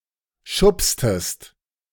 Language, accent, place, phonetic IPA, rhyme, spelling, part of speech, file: German, Germany, Berlin, [ˈʃʊpstəst], -ʊpstəst, schubstest, verb, De-schubstest.ogg
- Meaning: inflection of schubsen: 1. second-person singular preterite 2. second-person singular subjunctive II